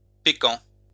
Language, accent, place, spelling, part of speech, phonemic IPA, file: French, France, Lyon, pékan, noun, /pe.kɑ̃/, LL-Q150 (fra)-pékan.wav
- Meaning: fisher (mammal)